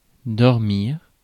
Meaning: to sleep
- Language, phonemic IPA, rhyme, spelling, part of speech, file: French, /dɔʁ.miʁ/, -iʁ, dormir, verb, Fr-dormir.ogg